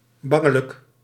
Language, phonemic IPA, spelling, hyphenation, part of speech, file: Dutch, /ˈbɑ.ŋə.lək/, bangelijk, ban‧ge‧lijk, adjective, Nl-bangelijk.ogg
- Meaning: frightened, scared